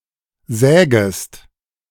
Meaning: second-person singular subjunctive I of sägen
- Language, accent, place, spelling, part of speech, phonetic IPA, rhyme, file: German, Germany, Berlin, sägest, verb, [ˈzɛːɡəst], -ɛːɡəst, De-sägest.ogg